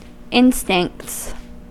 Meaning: plural of instinct
- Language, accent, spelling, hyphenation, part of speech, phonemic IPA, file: English, US, instincts, in‧stincts, noun, /ˈɪn.stɪŋkts/, En-us-instincts.ogg